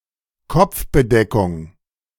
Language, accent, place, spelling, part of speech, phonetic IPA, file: German, Germany, Berlin, Kopfbedeckung, noun, [ˈkɔp͡fbəˌdɛkʊŋ], De-Kopfbedeckung.ogg
- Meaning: headgear